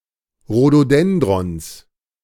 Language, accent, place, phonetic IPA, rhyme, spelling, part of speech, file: German, Germany, Berlin, [ʁodoˈdɛndʁɔns], -ɛndʁɔns, Rhododendrons, noun, De-Rhododendrons.ogg
- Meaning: genitive singular of Rhododendron